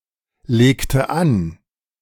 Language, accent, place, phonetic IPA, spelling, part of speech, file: German, Germany, Berlin, [leːktə ˈan], legte an, verb, De-legte an.ogg
- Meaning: inflection of anlegen: 1. first/third-person singular preterite 2. first/third-person singular subjunctive II